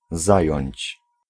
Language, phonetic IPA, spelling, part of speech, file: Polish, [ˈzajɔ̇̃ɲt͡ɕ], zająć, verb, Pl-zająć.ogg